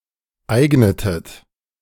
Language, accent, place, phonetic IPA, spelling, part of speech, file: German, Germany, Berlin, [ˈaɪ̯ɡnətət], eignetet, verb, De-eignetet.ogg
- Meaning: inflection of eignen: 1. second-person plural preterite 2. second-person plural subjunctive II